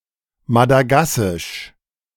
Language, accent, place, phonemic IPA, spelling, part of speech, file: German, Germany, Berlin, /madaˈɡasɪʃ/, Madagassisch, proper noun, De-Madagassisch.ogg
- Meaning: Malagasy (language)